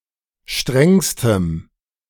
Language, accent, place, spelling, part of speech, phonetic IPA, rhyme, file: German, Germany, Berlin, strengstem, adjective, [ˈʃtʁɛŋstəm], -ɛŋstəm, De-strengstem.ogg
- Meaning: strong dative masculine/neuter singular superlative degree of streng